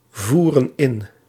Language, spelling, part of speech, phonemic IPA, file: Dutch, voeren in, verb, /ˈvurə(n) ˈɪn/, Nl-voeren in.ogg
- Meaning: inflection of invoeren: 1. plural present indicative 2. plural present subjunctive